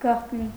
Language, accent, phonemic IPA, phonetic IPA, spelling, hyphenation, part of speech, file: Armenian, Eastern Armenian, /ɡɑχtˈni/, [ɡɑχtní], գաղտնի, գաղտ‧նի, adjective / adverb, Hy-գաղտնի.ogg
- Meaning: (adjective) 1. secret, clandestine 2. hidden, latent 3. undiscovered 4. covert, veiled 5. confidential (meant to be kept secret within a certain circle); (adverb) secretly